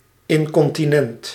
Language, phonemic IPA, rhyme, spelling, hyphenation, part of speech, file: Dutch, /ˌɪŋ.kɔn.tiˈnɛnt/, -ɛnt, incontinent, in‧con‧ti‧nent, adjective, Nl-incontinent.ogg
- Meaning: incontinent (unable to restrain natural discharges)